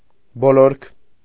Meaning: 1. surroundings, environment 2. edging
- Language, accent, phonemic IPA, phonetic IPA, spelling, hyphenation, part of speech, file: Armenian, Eastern Armenian, /boˈloɾkʰ/, [bolóɾkʰ], բոլորք, բո‧լորք, noun, Hy-բոլորք.ogg